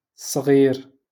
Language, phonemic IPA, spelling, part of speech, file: Moroccan Arabic, /sˤɣiːr/, صغير, adjective, LL-Q56426 (ary)-صغير.wav
- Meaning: 1. small 2. young (for a person)